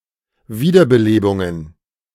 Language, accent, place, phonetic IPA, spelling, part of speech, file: German, Germany, Berlin, [ˈviːdɐbəˌleːbʊŋən], Wiederbelebungen, noun, De-Wiederbelebungen.ogg
- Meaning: plural of Wiederbelebung